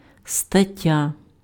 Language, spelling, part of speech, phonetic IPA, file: Ukrainian, стаття, noun, [stɐˈtʲːa], Uk-стаття.ogg
- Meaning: 1. article 2. item, entry